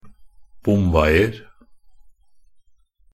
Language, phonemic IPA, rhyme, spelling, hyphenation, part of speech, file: Norwegian Bokmål, /ˈbʊmʋɛɪər/, -ər, bomveier, bom‧vei‧er, noun, Nb-bomveier.ogg
- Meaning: indefinite plural of bomvei